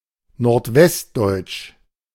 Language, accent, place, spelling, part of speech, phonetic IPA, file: German, Germany, Berlin, nordwestdeutsch, adjective, [noʁtˈvɛstˌdɔɪ̯t͡ʃ], De-nordwestdeutsch.ogg
- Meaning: of northwestern Germany (of, from or pertaining to the people, the culture or the dialects of this region)